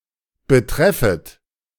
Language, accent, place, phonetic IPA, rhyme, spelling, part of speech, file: German, Germany, Berlin, [bəˈtʁɛfət], -ɛfət, betreffet, verb, De-betreffet.ogg
- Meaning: second-person plural subjunctive I of betreffen